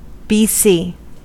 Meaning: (adverb) Initialism of Before Christ; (conjunction) Abbreviation of because; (noun) 1. Abbreviation of basso continuo 2. Initialism of bodycam 3. Initialism of blind carbon copy
- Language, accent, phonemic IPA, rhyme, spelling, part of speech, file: English, US, /biːˈsiː/, -iː, bc, adverb / conjunction / noun, En-us-bc.ogg